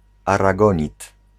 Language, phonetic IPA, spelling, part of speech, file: Polish, [ˌaraˈɡɔ̃ɲit], aragonit, noun, Pl-aragonit.ogg